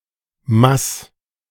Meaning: Switzerland and Liechtenstein standard spelling of Maß
- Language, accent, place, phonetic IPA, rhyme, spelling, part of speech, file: German, Germany, Berlin, [mas], -as, Mass, noun, De-Mass.ogg